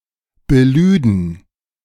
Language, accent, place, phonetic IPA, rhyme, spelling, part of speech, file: German, Germany, Berlin, [bəˈlyːdn̩], -yːdn̩, belüden, verb, De-belüden.ogg
- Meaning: first/third-person plural subjunctive II of beladen